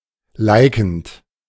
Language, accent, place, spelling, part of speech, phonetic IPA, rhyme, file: German, Germany, Berlin, likend, verb, [ˈlaɪ̯kn̩t], -aɪ̯kn̩t, De-likend.ogg
- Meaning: present participle of liken